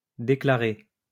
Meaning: past participle of déclarer
- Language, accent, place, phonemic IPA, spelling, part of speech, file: French, France, Lyon, /de.kla.ʁe/, déclaré, verb, LL-Q150 (fra)-déclaré.wav